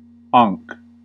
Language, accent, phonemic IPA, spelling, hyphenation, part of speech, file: English, US, /ɑ(ː)ŋk/, ankh, ankh, noun, En-us-ankh.ogg
- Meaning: 1. A cross shaped like a T with a loop at the top, the Egyptian hieroglyph representing the Egyptian triliteral ꜥnḫ (“life”) and often used as an amulet or charm for this concept 2. A tau cross